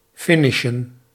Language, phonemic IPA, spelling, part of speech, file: Dutch, /ˈfɪnɪʃə(n)/, finishen, verb, Nl-finishen.ogg
- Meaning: to finish